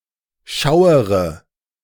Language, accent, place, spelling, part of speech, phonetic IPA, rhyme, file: German, Germany, Berlin, schauere, verb, [ˈʃaʊ̯əʁə], -aʊ̯əʁə, De-schauere.ogg
- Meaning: inflection of schauern: 1. first-person singular present 2. first/third-person singular subjunctive I 3. singular imperative